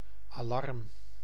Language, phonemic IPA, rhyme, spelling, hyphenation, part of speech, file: Dutch, /aːˈlɑrm/, -ɑrm, alarm, alarm, noun, Nl-alarm.ogg
- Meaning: alarm